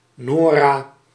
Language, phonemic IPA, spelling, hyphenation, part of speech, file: Dutch, /ˈnoː.raː/, Nora, No‧ra, proper noun, Nl-Nora.ogg
- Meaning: a female given name